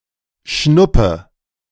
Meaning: worthless, unimportant
- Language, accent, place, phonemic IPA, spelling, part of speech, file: German, Germany, Berlin, /ˈʃnʊpə/, schnuppe, adjective, De-schnuppe.ogg